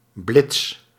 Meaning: fashionable
- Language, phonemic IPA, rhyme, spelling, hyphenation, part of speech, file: Dutch, /blɪts/, -ɪts, blits, blits, adjective, Nl-blits.ogg